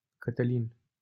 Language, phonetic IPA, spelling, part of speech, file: Romanian, [kə.təˈlin], Cătălin, proper noun, LL-Q7913 (ron)-Cătălin.wav
- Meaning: a male given name